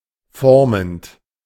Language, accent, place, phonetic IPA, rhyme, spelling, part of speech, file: German, Germany, Berlin, [ˈfɔʁmənt], -ɔʁmənt, formend, verb, De-formend.ogg
- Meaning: present participle of formen